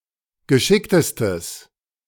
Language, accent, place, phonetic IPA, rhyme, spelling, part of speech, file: German, Germany, Berlin, [ɡəˈʃɪktəstəs], -ɪktəstəs, geschicktestes, adjective, De-geschicktestes.ogg
- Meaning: strong/mixed nominative/accusative neuter singular superlative degree of geschickt